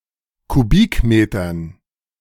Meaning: dative plural of Kubikmeter
- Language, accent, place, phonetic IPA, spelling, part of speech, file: German, Germany, Berlin, [kuˈbiːkˌmeːtɐn], Kubikmetern, noun, De-Kubikmetern.ogg